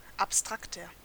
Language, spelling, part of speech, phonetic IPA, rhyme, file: German, abstrakter, adjective, [apˈstʁaktɐ], -aktɐ, De-abstrakter.ogg
- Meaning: 1. comparative degree of abstrakt 2. inflection of abstrakt: strong/mixed nominative masculine singular 3. inflection of abstrakt: strong genitive/dative feminine singular